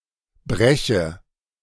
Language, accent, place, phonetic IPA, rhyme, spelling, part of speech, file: German, Germany, Berlin, [ˈbʁɛçə], -ɛçə, breche, verb, De-breche.ogg
- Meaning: inflection of brechen: 1. first-person singular present 2. first/third-person singular subjunctive I